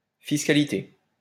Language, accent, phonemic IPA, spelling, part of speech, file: French, France, /fis.ka.li.te/, fiscalité, noun, LL-Q150 (fra)-fiscalité.wav
- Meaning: the practice of managing taxes and taxation